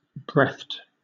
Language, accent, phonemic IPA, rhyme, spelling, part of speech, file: English, Southern England, /bɹɛθt/, -ɛθt, breathed, adjective, LL-Q1860 (eng)-breathed.wav
- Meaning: 1. Having a specified kind of breath 2. voiceless, contrasting with voiced